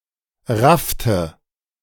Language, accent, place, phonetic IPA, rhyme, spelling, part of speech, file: German, Germany, Berlin, [ˈʁaftə], -aftə, raffte, verb, De-raffte.ogg
- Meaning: inflection of raffen: 1. first/third-person singular preterite 2. first/third-person singular subjunctive II